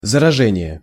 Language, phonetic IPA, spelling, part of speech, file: Russian, [zərɐˈʐɛnʲɪje], заражение, noun, Ru-заражение.ogg
- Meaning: infection; contamination